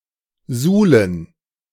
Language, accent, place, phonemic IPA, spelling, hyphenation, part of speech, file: German, Germany, Berlin, /ˈzuːlən/, suhlen, suh‧len, verb, De-suhlen.ogg
- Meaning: 1. to wallow (roll about in mud etc.) 2. to wallow (immerse oneself in, savour, relish, especially something perceived as negative) 3. to soil (to make dirty)